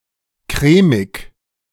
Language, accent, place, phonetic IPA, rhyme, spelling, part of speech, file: German, Germany, Berlin, [ˈkʁɛːmɪk], -ɛːmɪk, crèmig, adjective, De-crèmig.ogg
- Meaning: alternative spelling of cremig